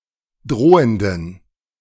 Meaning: inflection of drohend: 1. strong genitive masculine/neuter singular 2. weak/mixed genitive/dative all-gender singular 3. strong/weak/mixed accusative masculine singular 4. strong dative plural
- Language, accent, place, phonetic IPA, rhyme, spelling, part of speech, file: German, Germany, Berlin, [ˈdʁoːəndn̩], -oːəndn̩, drohenden, adjective, De-drohenden.ogg